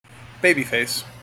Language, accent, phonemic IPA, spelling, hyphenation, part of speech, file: English, General American, /ˈbeɪbi ˌfeɪs/, baby face, ba‧by face, noun, En-us-baby face.mp3
- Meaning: 1. A face, often chubby, resembling that of a baby; a youthful face 2. A person having such a face, especially a young man having a beardless appearance